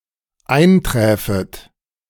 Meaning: second-person plural dependent subjunctive II of eintreffen
- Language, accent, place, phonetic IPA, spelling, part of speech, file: German, Germany, Berlin, [ˈaɪ̯nˌtʁɛːfət], einträfet, verb, De-einträfet.ogg